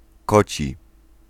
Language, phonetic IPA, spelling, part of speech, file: Polish, [ˈkɔ.t͡ɕi], koci, adjective / verb, Pl-koci.ogg